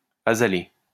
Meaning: azalea
- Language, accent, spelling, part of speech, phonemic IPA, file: French, France, azalée, noun, /a.za.le/, LL-Q150 (fra)-azalée.wav